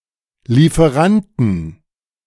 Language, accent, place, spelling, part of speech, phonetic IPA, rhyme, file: German, Germany, Berlin, Lieferanten, noun, [liːfəˈʁantn̩], -antn̩, De-Lieferanten.ogg
- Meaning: 1. genitive singular of Lieferant 2. plural of Lieferant